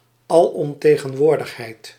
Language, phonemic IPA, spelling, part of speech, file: Dutch, /ɑˌlɔmˌteː.ɣə(n)ˈʋoːr.dəx.ɦɛi̯t/, alomtegenwoordigheid, noun, Nl-alomtegenwoordigheid.ogg
- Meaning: omnipresence, ubiquity